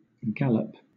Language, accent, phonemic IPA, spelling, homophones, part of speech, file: English, Southern England, /ˈɡæləp/, gallop, Gallup, noun / verb, LL-Q1860 (eng)-gallop.wav
- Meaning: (noun) 1. The fastest gait of a horse, a two-beat stride during which all four legs are off the ground simultaneously 2. An act or instance of going or running rapidly